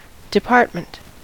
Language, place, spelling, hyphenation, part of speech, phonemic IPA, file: English, California, department, de‧part‧ment, noun, /dɪˈpɑɹtmənt/, En-us-department.ogg
- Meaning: 1. A part, portion, or subdivision 2. A distinct course of life, action, study, or the like 3. A specified aspect or quality